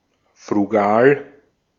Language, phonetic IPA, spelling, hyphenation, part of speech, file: German, [fʁuˈɡaːl], frugal, fru‧gal, adjective, De-at-frugal.ogg
- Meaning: frugal